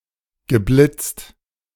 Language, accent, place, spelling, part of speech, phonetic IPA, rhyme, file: German, Germany, Berlin, geblitzt, verb, [ɡəˈblɪt͡st], -ɪt͡st, De-geblitzt.ogg
- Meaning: past participle of blitzen